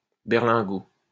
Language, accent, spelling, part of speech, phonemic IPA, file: French, France, berlingot, noun, /bɛʁ.lɛ̃.ɡo/, LL-Q150 (fra)-berlingot.wav
- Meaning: 1. berlingot 2. a plastic-coated paper carton for packaging liquids; a Tetra Pak